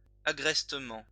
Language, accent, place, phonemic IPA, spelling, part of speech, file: French, France, Lyon, /a.ɡʁɛs.tə.mɑ̃/, agrestement, adverb, LL-Q150 (fra)-agrestement.wav
- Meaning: rustically